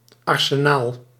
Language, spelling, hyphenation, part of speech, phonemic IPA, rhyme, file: Dutch, arsenaal, ar‧se‧naal, noun, /ˌɑr.səˈnaːl/, -aːl, Nl-arsenaal.ogg
- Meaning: 1. armoury, arsenal 2. arsenal (stock of weapons) 3. totality of available instruments, options or means